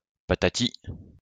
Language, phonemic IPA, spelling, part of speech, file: French, /pa.ta.ti/, patati, interjection, LL-Q150 (fra)-patati.wav
- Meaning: only used in et patati et patata (“blah blah blah”)